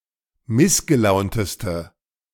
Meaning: inflection of missgelaunt: 1. strong/mixed nominative/accusative feminine singular superlative degree 2. strong nominative/accusative plural superlative degree
- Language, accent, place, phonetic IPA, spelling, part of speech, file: German, Germany, Berlin, [ˈmɪsɡəˌlaʊ̯ntəstə], missgelaunteste, adjective, De-missgelaunteste.ogg